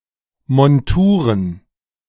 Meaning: plural of Montur
- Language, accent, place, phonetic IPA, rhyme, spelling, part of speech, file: German, Germany, Berlin, [mɔnˈtuːʁən], -uːʁən, Monturen, noun, De-Monturen.ogg